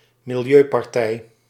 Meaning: environmentalist party, green party
- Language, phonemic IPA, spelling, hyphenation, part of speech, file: Dutch, /mɪlˈjøː.pɑrˌtɛi̯/, milieupartij, mi‧li‧eu‧par‧tij, noun, Nl-milieupartij.ogg